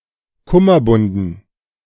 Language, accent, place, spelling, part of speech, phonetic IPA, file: German, Germany, Berlin, Kummerbunden, noun, [ˈkʊmɐˌbʊndn̩], De-Kummerbunden.ogg
- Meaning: dative plural of Kummerbund